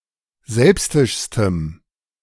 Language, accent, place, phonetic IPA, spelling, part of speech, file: German, Germany, Berlin, [ˈzɛlpstɪʃstəm], selbstischstem, adjective, De-selbstischstem.ogg
- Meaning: strong dative masculine/neuter singular superlative degree of selbstisch